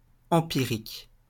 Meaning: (adjective) empirical; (noun) empiricist
- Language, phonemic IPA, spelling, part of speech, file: French, /ɑ̃.pi.ʁik/, empirique, adjective / noun, LL-Q150 (fra)-empirique.wav